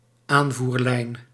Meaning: supply line
- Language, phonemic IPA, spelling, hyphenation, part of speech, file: Dutch, /ˈaːn.vurˌlɛi̯n/, aanvoerlijn, aan‧voer‧lijn, noun, Nl-aanvoerlijn.ogg